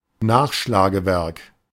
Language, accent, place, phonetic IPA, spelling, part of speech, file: German, Germany, Berlin, [ˈnaːxʃlaːɡəˌvɛʁk], Nachschlagewerk, noun, De-Nachschlagewerk.ogg
- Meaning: reference work